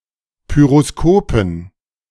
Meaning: dative plural of Pyroskop
- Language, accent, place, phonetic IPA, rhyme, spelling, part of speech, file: German, Germany, Berlin, [ˌpyʁoˈskoːpn̩], -oːpn̩, Pyroskopen, noun, De-Pyroskopen.ogg